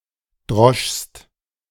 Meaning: second-person singular preterite of dreschen
- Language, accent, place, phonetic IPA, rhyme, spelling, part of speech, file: German, Germany, Berlin, [dʁɔʃst], -ɔʃst, droschst, verb, De-droschst.ogg